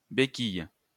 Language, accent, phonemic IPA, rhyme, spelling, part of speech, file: French, France, /be.kij/, -ij, béquille, noun, LL-Q150 (fra)-béquille.wav
- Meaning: 1. kickstand 2. crutch (device to assist in motion as a cane)